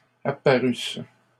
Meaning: third-person plural imperfect subjunctive of apparaître
- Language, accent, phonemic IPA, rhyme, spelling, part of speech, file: French, Canada, /a.pa.ʁys/, -ys, apparussent, verb, LL-Q150 (fra)-apparussent.wav